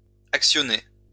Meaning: feminine plural of actionné
- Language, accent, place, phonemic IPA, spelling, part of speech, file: French, France, Lyon, /ak.sjɔ.ne/, actionnées, verb, LL-Q150 (fra)-actionnées.wav